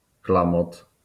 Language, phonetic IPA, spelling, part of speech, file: Polish, [ˈklãmɔt], klamot, noun, LL-Q809 (pol)-klamot.wav